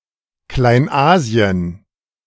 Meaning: Asia Minor
- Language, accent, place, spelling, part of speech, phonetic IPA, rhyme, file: German, Germany, Berlin, Kleinasien, proper noun, [klaɪ̯nˈʔaːzi̯ən], -aːzi̯ən, De-Kleinasien.ogg